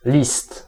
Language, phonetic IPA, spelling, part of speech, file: Polish, [lʲist], list, noun, Pl-list.ogg